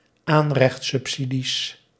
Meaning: plural of aanrechtsubsidie
- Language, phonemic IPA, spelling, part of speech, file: Dutch, /ˈanrɛx(t)sʏpˌsidis/, aanrechtsubsidies, noun, Nl-aanrechtsubsidies.ogg